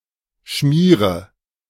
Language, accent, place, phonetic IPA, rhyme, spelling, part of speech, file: German, Germany, Berlin, [ˈʃmiːʁə], -iːʁə, schmiere, verb, De-schmiere.ogg
- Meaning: inflection of schmieren: 1. first-person singular present 2. singular imperative 3. first/third-person singular subjunctive I